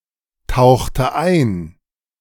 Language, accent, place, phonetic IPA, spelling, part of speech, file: German, Germany, Berlin, [ˌtaʊ̯xtə ˈaɪ̯n], tauchte ein, verb, De-tauchte ein.ogg
- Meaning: inflection of eintauchen: 1. first/third-person singular preterite 2. first/third-person singular subjunctive II